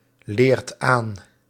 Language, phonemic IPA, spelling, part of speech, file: Dutch, /ˈlert ˈan/, leert aan, verb, Nl-leert aan.ogg
- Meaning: inflection of aanleren: 1. second/third-person singular present indicative 2. plural imperative